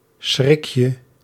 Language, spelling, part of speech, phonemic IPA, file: Dutch, schrikje, noun, /ˈsxrɪkjə/, Nl-schrikje.ogg
- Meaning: diminutive of schrik